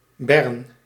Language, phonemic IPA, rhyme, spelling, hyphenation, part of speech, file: Dutch, /bɛrn/, -ɛrn, Bern, Bern, proper noun, Nl-Bern.ogg
- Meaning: 1. Bern (the capital city of Switzerland; the capital city of Bern canton) 2. Bern (a canton of Switzerland) 3. a hamlet in Zaltbommel, Gelderland, Netherlands